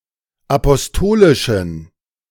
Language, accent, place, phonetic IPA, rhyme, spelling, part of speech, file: German, Germany, Berlin, [apɔsˈtoːlɪʃn̩], -oːlɪʃn̩, apostolischen, adjective, De-apostolischen.ogg
- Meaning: inflection of apostolisch: 1. strong genitive masculine/neuter singular 2. weak/mixed genitive/dative all-gender singular 3. strong/weak/mixed accusative masculine singular 4. strong dative plural